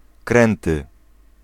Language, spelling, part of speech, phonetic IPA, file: Polish, kręty, adjective, [ˈkrɛ̃ntɨ], Pl-kręty.ogg